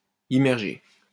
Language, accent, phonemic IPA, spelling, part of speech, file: French, France, /i.mɛʁ.ʒe/, immergé, verb / adjective, LL-Q150 (fra)-immergé.wav
- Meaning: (verb) past participle of immerger; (adjective) immersed